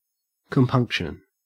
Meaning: A pricking of conscience or a feeling of regret, especially one which is slight or fleeting
- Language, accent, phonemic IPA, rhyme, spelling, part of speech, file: English, Australia, /kəmˈpʌŋk.ʃən/, -ʌŋkʃən, compunction, noun, En-au-compunction.ogg